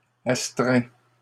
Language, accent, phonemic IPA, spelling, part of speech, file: French, Canada, /as.tʁɛ̃/, astreints, adjective, LL-Q150 (fra)-astreints.wav
- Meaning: masculine plural of astreint